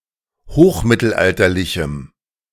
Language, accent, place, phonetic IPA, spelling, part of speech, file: German, Germany, Berlin, [ˈhoːxˌmɪtl̩ʔaltɐlɪçm̩], hochmittelalterlichem, adjective, De-hochmittelalterlichem.ogg
- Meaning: strong dative masculine/neuter singular of hochmittelalterlich